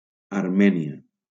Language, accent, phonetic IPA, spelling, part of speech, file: Catalan, Valencia, [aɾˈmɛ.ni.a], Armènia, proper noun, LL-Q7026 (cat)-Armènia.wav
- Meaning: Armenia (a country in the South Caucasus region of Asia, sometimes considered to belong politically to Europe)